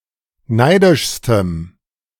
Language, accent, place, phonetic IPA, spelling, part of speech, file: German, Germany, Berlin, [ˈnaɪ̯dɪʃstəm], neidischstem, adjective, De-neidischstem.ogg
- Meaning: strong dative masculine/neuter singular superlative degree of neidisch